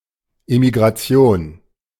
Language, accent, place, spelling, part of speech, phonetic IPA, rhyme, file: German, Germany, Berlin, Emigration, noun, [emiɡʁaˈt͡si̯oːn], -oːn, De-Emigration.ogg
- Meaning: emigration